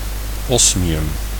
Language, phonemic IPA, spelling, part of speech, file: Dutch, /ˈɔsmiˌjʏm/, osmium, noun, Nl-osmium.ogg
- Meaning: osmium